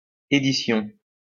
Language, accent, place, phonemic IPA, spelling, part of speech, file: French, France, Lyon, /e.di.sjɔ̃/, édition, noun, LL-Q150 (fra)-édition.wav
- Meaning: 1. edition (of a magazine, etc.) 2. publishing industry